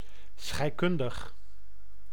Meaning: chemical, relating to or applying chemistry
- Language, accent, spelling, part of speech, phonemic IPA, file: Dutch, Netherlands, scheikundig, adjective, /sxɛi̯.ˈkʏn.dəx/, Nl-scheikundig.ogg